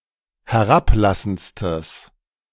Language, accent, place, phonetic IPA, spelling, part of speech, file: German, Germany, Berlin, [hɛˈʁapˌlasn̩t͡stəs], herablassendstes, adjective, De-herablassendstes.ogg
- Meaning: strong/mixed nominative/accusative neuter singular superlative degree of herablassend